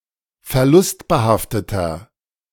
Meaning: inflection of verlustbehaftet: 1. strong/mixed nominative masculine singular 2. strong genitive/dative feminine singular 3. strong genitive plural
- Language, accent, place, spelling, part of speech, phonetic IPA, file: German, Germany, Berlin, verlustbehafteter, adjective, [fɛɐ̯ˈlʊstbəˌhaftətɐ], De-verlustbehafteter.ogg